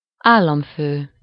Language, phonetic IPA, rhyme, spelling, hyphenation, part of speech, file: Hungarian, [ˈaːlːɒɱføː], -føː, államfő, ál‧lam‧fő, noun, Hu-államfő.ogg
- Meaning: head of state (the chief public representative of a nation)